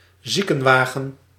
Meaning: ambulance
- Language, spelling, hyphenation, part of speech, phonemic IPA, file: Dutch, ziekenwagen, zie‧ken‧wa‧gen, noun, /ˈzi.kə(n)ˌʋaː.ɣə(n)/, Nl-ziekenwagen.ogg